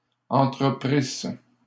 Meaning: second-person singular imperfect subjunctive of entreprendre
- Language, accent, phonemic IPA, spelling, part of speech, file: French, Canada, /ɑ̃.tʁə.pʁis/, entreprisses, verb, LL-Q150 (fra)-entreprisses.wav